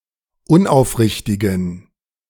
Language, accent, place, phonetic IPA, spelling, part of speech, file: German, Germany, Berlin, [ˈʊnʔaʊ̯fˌʁɪçtɪɡn̩], unaufrichtigen, adjective, De-unaufrichtigen.ogg
- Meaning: inflection of unaufrichtig: 1. strong genitive masculine/neuter singular 2. weak/mixed genitive/dative all-gender singular 3. strong/weak/mixed accusative masculine singular 4. strong dative plural